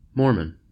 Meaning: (proper noun) 1. In Mormonism, an ancient American prophet who compiled the Book of Mormon 2. A surname
- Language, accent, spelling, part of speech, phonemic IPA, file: English, US, Mormon, proper noun / noun / adjective, /ˈmɔɹmən/, En-us-Mormon.ogg